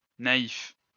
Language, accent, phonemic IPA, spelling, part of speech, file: French, France, /na.if/, naïfs, adjective, LL-Q150 (fra)-naïfs.wav
- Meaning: masculine plural of naïf